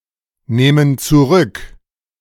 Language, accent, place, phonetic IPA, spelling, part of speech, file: German, Germany, Berlin, [ˌneːmən t͡suˈʁʏk], nehmen zurück, verb, De-nehmen zurück.ogg
- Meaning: inflection of zurücknehmen: 1. first/third-person plural present 2. first/third-person plural subjunctive I